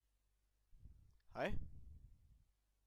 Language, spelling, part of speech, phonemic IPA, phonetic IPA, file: Danish, hej, interjection, /hɑj/, [hɑ̈j], Da-hej.ogg
- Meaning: 1. hi, hello 2. bye